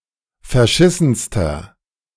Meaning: inflection of verschissen: 1. strong/mixed nominative masculine singular superlative degree 2. strong genitive/dative feminine singular superlative degree 3. strong genitive plural superlative degree
- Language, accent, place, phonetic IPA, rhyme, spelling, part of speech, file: German, Germany, Berlin, [fɛɐ̯ˈʃɪsn̩stɐ], -ɪsn̩stɐ, verschissenster, adjective, De-verschissenster.ogg